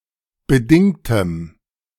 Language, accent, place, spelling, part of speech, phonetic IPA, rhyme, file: German, Germany, Berlin, bedingtem, adjective, [bəˈdɪŋtəm], -ɪŋtəm, De-bedingtem.ogg
- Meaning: strong dative masculine/neuter singular of bedingt